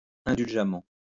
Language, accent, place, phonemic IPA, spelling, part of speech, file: French, France, Lyon, /ɛ̃.dyl.ʒa.mɑ̃/, indulgemment, adverb, LL-Q150 (fra)-indulgemment.wav
- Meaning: indulgently